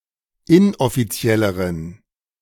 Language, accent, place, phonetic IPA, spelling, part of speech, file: German, Germany, Berlin, [ˈɪnʔɔfiˌt͡si̯ɛləʁən], inoffizielleren, adjective, De-inoffizielleren.ogg
- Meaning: inflection of inoffiziell: 1. strong genitive masculine/neuter singular comparative degree 2. weak/mixed genitive/dative all-gender singular comparative degree